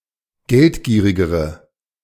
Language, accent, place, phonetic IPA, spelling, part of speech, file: German, Germany, Berlin, [ˈɡɛltˌɡiːʁɪɡəʁə], geldgierigere, adjective, De-geldgierigere.ogg
- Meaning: inflection of geldgierig: 1. strong/mixed nominative/accusative feminine singular comparative degree 2. strong nominative/accusative plural comparative degree